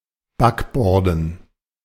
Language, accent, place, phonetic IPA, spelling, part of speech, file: German, Germany, Berlin, [ˈbakˌbɔʁdən], Backborden, noun, De-Backborden.ogg
- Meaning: dative plural of Backbord